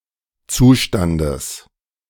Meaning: genitive singular of Zustand
- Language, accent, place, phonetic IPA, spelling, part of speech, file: German, Germany, Berlin, [ˈt͡suːˌʃtandəs], Zustandes, noun, De-Zustandes.ogg